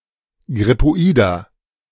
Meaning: inflection of grippoid: 1. strong/mixed nominative masculine singular 2. strong genitive/dative feminine singular 3. strong genitive plural
- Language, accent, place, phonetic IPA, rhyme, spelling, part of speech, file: German, Germany, Berlin, [ɡʁɪpoˈiːdɐ], -iːdɐ, grippoider, adjective, De-grippoider.ogg